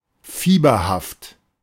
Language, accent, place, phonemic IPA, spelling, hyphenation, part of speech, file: German, Germany, Berlin, /ˈfiːbɐhaft/, fieberhaft, fie‧ber‧haft, adjective, De-fieberhaft.ogg
- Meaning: feverish